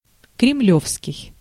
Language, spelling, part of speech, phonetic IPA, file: Russian, кремлёвский, adjective, [krʲɪˈmlʲɵfskʲɪj], Ru-кремлёвский.ogg
- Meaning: Kremlin